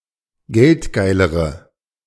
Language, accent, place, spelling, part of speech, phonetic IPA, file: German, Germany, Berlin, geldgeilere, adjective, [ˈɡɛltˌɡaɪ̯ləʁə], De-geldgeilere.ogg
- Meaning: inflection of geldgeil: 1. strong/mixed nominative/accusative feminine singular comparative degree 2. strong nominative/accusative plural comparative degree